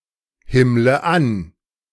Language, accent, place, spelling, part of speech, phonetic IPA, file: German, Germany, Berlin, himmle an, verb, [ˌhɪmlə ˈan], De-himmle an.ogg
- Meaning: inflection of anhimmeln: 1. first-person singular present 2. first/third-person singular subjunctive I 3. singular imperative